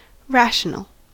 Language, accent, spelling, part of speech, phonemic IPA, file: English, US, rational, adjective / noun, /ˈɹæʃ(ə)nəl/, En-us-rational.ogg
- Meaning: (adjective) 1. Capable of reasoning 2. Capable of reasoning.: Behaving according to some partial order of preferences 3. Logically sound; not self-contradictory or otherwise absurd